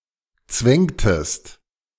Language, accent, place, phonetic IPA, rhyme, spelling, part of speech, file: German, Germany, Berlin, [ˈt͡svɛŋtəst], -ɛŋtəst, zwängtest, verb, De-zwängtest.ogg
- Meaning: inflection of zwängen: 1. second-person singular preterite 2. second-person singular subjunctive II